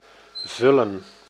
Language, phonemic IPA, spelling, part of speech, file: Dutch, /ˈvʏlə(n)/, vullen, verb, Nl-vullen.ogg
- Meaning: 1. to fill 2. to be filling